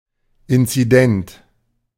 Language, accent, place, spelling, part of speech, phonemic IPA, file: German, Germany, Berlin, inzident, adjective, /ˌɪntsiˈdɛnt/, De-inzident.ogg
- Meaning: incident (all adjectival senses)